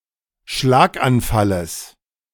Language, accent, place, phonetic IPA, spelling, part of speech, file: German, Germany, Berlin, [ˈʃlaːkʔanˌfaləs], Schlaganfalles, noun, De-Schlaganfalles.ogg
- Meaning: genitive singular of Schlaganfall